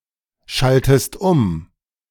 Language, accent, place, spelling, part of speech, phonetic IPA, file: German, Germany, Berlin, schaltest um, verb, [ˌʃaltəst ˈʊm], De-schaltest um.ogg
- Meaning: inflection of umschalten: 1. second-person singular present 2. second-person singular subjunctive I